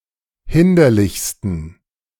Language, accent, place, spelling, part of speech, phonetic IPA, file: German, Germany, Berlin, hinderlichsten, adjective, [ˈhɪndɐlɪçstn̩], De-hinderlichsten.ogg
- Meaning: 1. superlative degree of hinderlich 2. inflection of hinderlich: strong genitive masculine/neuter singular superlative degree